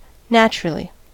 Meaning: 1. In a natural manner 2. Inherently or by nature 3. Surely or without any doubt
- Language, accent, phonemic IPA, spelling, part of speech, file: English, US, /ˈnæt͡ʃ.(ə.)ɹə.li/, naturally, adverb, En-us-naturally.ogg